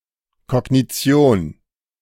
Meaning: cognition
- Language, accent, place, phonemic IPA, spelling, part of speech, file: German, Germany, Berlin, /ˌkɔɡniˈt͡si̯oːn/, Kognition, noun, De-Kognition.ogg